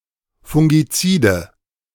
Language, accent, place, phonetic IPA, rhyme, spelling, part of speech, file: German, Germany, Berlin, [fʊŋɡiˈt͡siːdə], -iːdə, fungizide, adjective, De-fungizide.ogg
- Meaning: inflection of fungizid: 1. strong/mixed nominative/accusative feminine singular 2. strong nominative/accusative plural 3. weak nominative all-gender singular